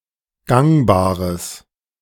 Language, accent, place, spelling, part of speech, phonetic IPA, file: German, Germany, Berlin, gangbares, adjective, [ˈɡaŋbaːʁəs], De-gangbares.ogg
- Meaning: strong/mixed nominative/accusative neuter singular of gangbar